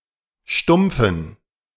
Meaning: inflection of stumpf: 1. strong genitive masculine/neuter singular 2. weak/mixed genitive/dative all-gender singular 3. strong/weak/mixed accusative masculine singular 4. strong dative plural
- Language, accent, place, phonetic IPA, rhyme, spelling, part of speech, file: German, Germany, Berlin, [ˈʃtʊmp͡fn̩], -ʊmp͡fn̩, stumpfen, adjective, De-stumpfen.ogg